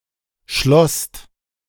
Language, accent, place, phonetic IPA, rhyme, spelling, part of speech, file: German, Germany, Berlin, [ʃlɔst], -ɔst, schlosst, verb, De-schlosst.ogg
- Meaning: second-person singular/plural preterite of schließen